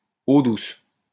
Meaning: 1. fresh water (water with little salt) 2. soft water
- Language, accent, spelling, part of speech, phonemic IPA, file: French, France, eau douce, noun, /o dus/, LL-Q150 (fra)-eau douce.wav